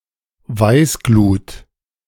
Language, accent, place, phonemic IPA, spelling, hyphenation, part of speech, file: German, Germany, Berlin, /ˈvaɪ̯sˌɡluːt/, Weißglut, Weiß‧glut, noun, De-Weißglut.ogg
- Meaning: 1. incandescence (white heat) 2. fury; violent anger